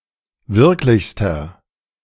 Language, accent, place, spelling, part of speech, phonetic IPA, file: German, Germany, Berlin, wirklichster, adjective, [ˈvɪʁklɪçstɐ], De-wirklichster.ogg
- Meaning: inflection of wirklich: 1. strong/mixed nominative masculine singular superlative degree 2. strong genitive/dative feminine singular superlative degree 3. strong genitive plural superlative degree